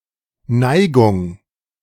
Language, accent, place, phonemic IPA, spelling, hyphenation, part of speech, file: German, Germany, Berlin, /ˈnaɪ̯ɡʊŋ/, Neigung, Nei‧gung, noun, De-Neigung.ogg
- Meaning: 1. propensity 2. inclination, incline 3. tilt, slant 4. affinity